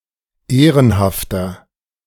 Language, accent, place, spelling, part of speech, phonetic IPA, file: German, Germany, Berlin, ehrenhafter, adjective, [ˈeːʁənhaftɐ], De-ehrenhafter.ogg
- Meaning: 1. comparative degree of ehrenhaft 2. inflection of ehrenhaft: strong/mixed nominative masculine singular 3. inflection of ehrenhaft: strong genitive/dative feminine singular